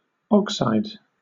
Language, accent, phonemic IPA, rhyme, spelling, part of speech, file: English, Southern England, /ˈɒksaɪd/, -ɒksaɪd, oxide, noun, LL-Q1860 (eng)-oxide.wav
- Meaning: A binary chemical compound of oxygen with another chemical element